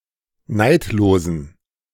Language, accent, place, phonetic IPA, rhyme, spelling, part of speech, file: German, Germany, Berlin, [ˈnaɪ̯tloːzn̩], -aɪ̯tloːzn̩, neidlosen, adjective, De-neidlosen.ogg
- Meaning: inflection of neidlos: 1. strong genitive masculine/neuter singular 2. weak/mixed genitive/dative all-gender singular 3. strong/weak/mixed accusative masculine singular 4. strong dative plural